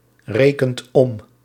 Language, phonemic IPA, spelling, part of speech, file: Dutch, /ˈrekənt ˈɔm/, rekent om, verb, Nl-rekent om.ogg
- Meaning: inflection of omrekenen: 1. second/third-person singular present indicative 2. plural imperative